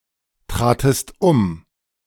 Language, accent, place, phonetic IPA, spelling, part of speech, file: German, Germany, Berlin, [ˌtʁaːtəst ˈʊm], tratest um, verb, De-tratest um.ogg
- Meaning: second-person singular preterite of umtreten